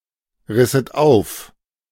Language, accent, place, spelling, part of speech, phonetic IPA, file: German, Germany, Berlin, risset auf, verb, [ˌʁɪsət ˈaʊ̯f], De-risset auf.ogg
- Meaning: second-person plural subjunctive II of aufreißen